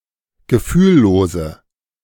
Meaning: inflection of gefühllos: 1. strong/mixed nominative/accusative feminine singular 2. strong nominative/accusative plural 3. weak nominative all-gender singular
- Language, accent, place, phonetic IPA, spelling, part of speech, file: German, Germany, Berlin, [ɡəˈfyːlˌloːzə], gefühllose, adjective, De-gefühllose.ogg